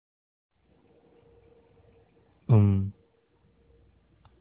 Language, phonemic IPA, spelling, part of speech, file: Tamil, /ʊm/, உம், pronoun / interjection, Ta-உம்.ogg
- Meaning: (pronoun) your, thine; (interjection) um, mmm (yes)